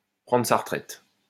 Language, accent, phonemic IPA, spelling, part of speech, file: French, France, /pʁɑ̃.dʁə sa ʁə.tʁɛt/, prendre sa retraite, verb, LL-Q150 (fra)-prendre sa retraite.wav
- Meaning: to retire (stop working)